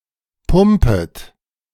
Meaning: second-person plural subjunctive I of pumpen
- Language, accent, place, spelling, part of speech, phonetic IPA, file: German, Germany, Berlin, pumpet, verb, [ˈpʊmpət], De-pumpet.ogg